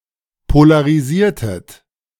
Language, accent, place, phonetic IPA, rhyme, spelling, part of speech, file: German, Germany, Berlin, [polaʁiˈziːɐ̯tət], -iːɐ̯tət, polarisiertet, verb, De-polarisiertet.ogg
- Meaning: inflection of polarisieren: 1. second-person plural preterite 2. second-person plural subjunctive II